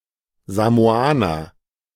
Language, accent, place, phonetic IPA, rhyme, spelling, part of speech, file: German, Germany, Berlin, [zamoˈaːnɐ], -aːnɐ, Samoaner, noun, De-Samoaner.ogg
- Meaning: Samoan (person)